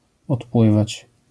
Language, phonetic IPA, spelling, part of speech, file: Polish, [ɔtˈpwɨvat͡ɕ], odpływać, verb, LL-Q809 (pol)-odpływać.wav